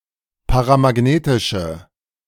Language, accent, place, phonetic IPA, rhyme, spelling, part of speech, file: German, Germany, Berlin, [paʁamaˈɡneːtɪʃə], -eːtɪʃə, paramagnetische, adjective, De-paramagnetische.ogg
- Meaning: inflection of paramagnetisch: 1. strong/mixed nominative/accusative feminine singular 2. strong nominative/accusative plural 3. weak nominative all-gender singular